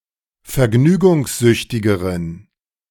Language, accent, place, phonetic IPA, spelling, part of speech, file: German, Germany, Berlin, [fɛɐ̯ˈɡnyːɡʊŋsˌzʏçtɪɡəʁən], vergnügungssüchtigeren, adjective, De-vergnügungssüchtigeren.ogg
- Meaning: inflection of vergnügungssüchtig: 1. strong genitive masculine/neuter singular comparative degree 2. weak/mixed genitive/dative all-gender singular comparative degree